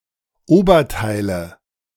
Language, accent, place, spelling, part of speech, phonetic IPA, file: German, Germany, Berlin, Oberteile, noun, [ˈoːbɐˌtaɪ̯lə], De-Oberteile.ogg
- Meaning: nominative/accusative/genitive plural of Oberteil